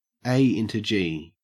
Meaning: Abbreviation of ass into gear
- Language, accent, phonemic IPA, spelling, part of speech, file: English, Australia, /ˈeɪ ɪntə ˈd͡ʒiː/, a into g, phrase, En-au-a into g.ogg